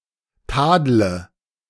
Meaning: inflection of tadeln: 1. first-person singular present 2. first/third-person singular subjunctive I 3. singular imperative
- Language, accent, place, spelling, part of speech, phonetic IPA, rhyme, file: German, Germany, Berlin, tadle, verb, [ˈtaːdlə], -aːdlə, De-tadle.ogg